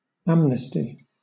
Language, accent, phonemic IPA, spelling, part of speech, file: English, Southern England, /ˈæm.nɪ.sti/, amnesty, noun / verb, LL-Q1860 (eng)-amnesty.wav
- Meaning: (noun) Forgetfulness; cessation of remembrance of wrong; oblivion